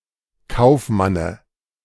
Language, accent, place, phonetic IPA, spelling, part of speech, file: German, Germany, Berlin, [ˈkaʊ̯fˌmanə], Kaufmanne, noun, De-Kaufmanne.ogg
- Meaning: dative singular of Kaufmann